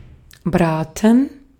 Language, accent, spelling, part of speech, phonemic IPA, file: German, Austria, braten, verb, /ˈbʁaːtən/, De-at-braten.ogg
- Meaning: 1. to pan-fry 2. to roast; to grill; to broil